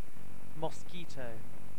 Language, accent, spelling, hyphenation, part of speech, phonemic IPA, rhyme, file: English, UK, mosquito, mos‧qui‧to, noun / verb, /mɒˈskiː.təʊ/, -iːtəʊ, En-uk-mosquito.ogg